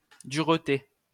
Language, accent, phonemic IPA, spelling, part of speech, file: French, France, /dyʁ.te/, dureté, noun, LL-Q150 (fra)-dureté.wav
- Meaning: 1. hardness, especially of water 2. harshness